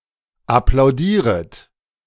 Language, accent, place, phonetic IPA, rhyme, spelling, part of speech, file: German, Germany, Berlin, [aplaʊ̯ˈdiːʁət], -iːʁət, applaudieret, verb, De-applaudieret.ogg
- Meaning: second-person plural subjunctive I of applaudieren